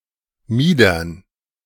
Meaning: dative plural of Mieder
- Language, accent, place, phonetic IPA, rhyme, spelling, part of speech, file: German, Germany, Berlin, [ˈmiːdɐn], -iːdɐn, Miedern, noun, De-Miedern.ogg